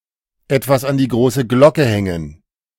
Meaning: to shout from the rooftops
- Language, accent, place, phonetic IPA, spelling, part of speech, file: German, Germany, Berlin, [ˈɛtvas an diː ˈɡʁoːsə ˈɡlɔkə ˈhɛŋən], etwas an die große Glocke hängen, verb, De-etwas an die große Glocke hängen.ogg